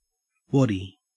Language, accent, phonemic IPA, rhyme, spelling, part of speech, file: English, Australia, /ˈwɒdi/, -ɒdi, waddy, noun / verb, En-au-waddy.ogg
- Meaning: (noun) 1. A cowboy 2. A club or heavy stick used by Aboriginal Australians for fighting and hunting; a nulla-nulla 3. A piece of wood; a stick or peg; also, a walking stick